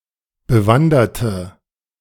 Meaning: inflection of bewandert: 1. strong/mixed nominative/accusative feminine singular 2. strong nominative/accusative plural 3. weak nominative all-gender singular
- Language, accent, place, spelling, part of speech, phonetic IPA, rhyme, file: German, Germany, Berlin, bewanderte, adjective / verb, [bəˈvandɐtə], -andɐtə, De-bewanderte.ogg